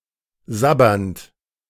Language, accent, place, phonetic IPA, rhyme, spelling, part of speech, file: German, Germany, Berlin, [ˈzabɐnt], -abɐnt, sabbernd, verb, De-sabbernd.ogg
- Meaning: present participle of sabbern